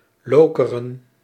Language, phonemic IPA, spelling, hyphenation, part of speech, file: Dutch, /ˈloː.kə.rə(n)/, Lokeren, Lo‧ke‧ren, proper noun, Nl-Lokeren.ogg
- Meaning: 1. a municipality of East Flanders, Belgium 2. a neighbourhood of 's-Hertogenbosch, North Brabant, Netherlands